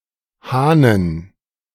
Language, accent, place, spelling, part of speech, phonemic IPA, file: German, Germany, Berlin, Hahnen, noun, /ˈhaːnən/, De-Hahnen.ogg
- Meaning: plural of Hahn